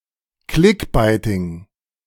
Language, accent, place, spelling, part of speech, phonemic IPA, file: German, Germany, Berlin, Clickbaiting, noun, /ˈklɪkbɛɪ̯tɪŋ/, De-Clickbaiting.ogg
- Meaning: The practice of attracting click-throughs by using clickbait headlines or images